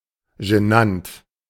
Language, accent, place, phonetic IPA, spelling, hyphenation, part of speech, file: German, Germany, Berlin, [ʒəˈnant], genant, ge‧nant, adjective, De-genant.ogg
- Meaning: embarrassing